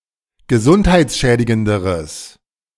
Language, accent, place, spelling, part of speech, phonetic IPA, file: German, Germany, Berlin, gesundheitsschädigenderes, adjective, [ɡəˈzʊnthaɪ̯t͡sˌʃɛːdɪɡəndəʁəs], De-gesundheitsschädigenderes.ogg
- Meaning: strong/mixed nominative/accusative neuter singular comparative degree of gesundheitsschädigend